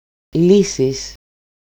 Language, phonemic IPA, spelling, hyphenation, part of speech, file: Greek, /ˈli.sis/, λύσεις, λύ‧σεις, noun / verb, El-λύσεις.ogg
- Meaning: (noun) nominative/accusative/vocative plural of λύση (lýsi); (verb) second-person singular dependent active of λύνω (lýno)